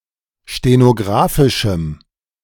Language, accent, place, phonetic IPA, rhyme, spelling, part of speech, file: German, Germany, Berlin, [ʃtenoˈɡʁaːfɪʃm̩], -aːfɪʃm̩, stenographischem, adjective, De-stenographischem.ogg
- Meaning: strong dative masculine/neuter singular of stenographisch